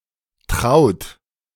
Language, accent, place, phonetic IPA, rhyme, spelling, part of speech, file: German, Germany, Berlin, [tʁaʊ̯t], -aʊ̯t, traut, adjective / verb, De-traut.ogg
- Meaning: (adjective) 1. intimate 2. dear; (verb) inflection of trauen: 1. third-person singular present 2. second-person plural present 3. plural imperative